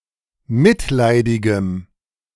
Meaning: strong dative masculine/neuter singular of mitleidig
- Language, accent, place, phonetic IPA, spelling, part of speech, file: German, Germany, Berlin, [ˈmɪtˌlaɪ̯dɪɡəm], mitleidigem, adjective, De-mitleidigem.ogg